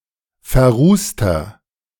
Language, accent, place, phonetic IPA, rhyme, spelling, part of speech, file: German, Germany, Berlin, [fɛɐ̯ˈʁuːstɐ], -uːstɐ, verrußter, adjective, De-verrußter.ogg
- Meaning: inflection of verrußt: 1. strong/mixed nominative masculine singular 2. strong genitive/dative feminine singular 3. strong genitive plural